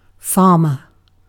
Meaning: Someone or something that farms, as: A person who works the land and/or who keeps livestock; anyone engaged in agriculture on a farm
- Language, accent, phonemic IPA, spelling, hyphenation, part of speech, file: English, UK, /ˈfɑː.mə/, farmer, farm‧er, noun, En-uk-farmer.ogg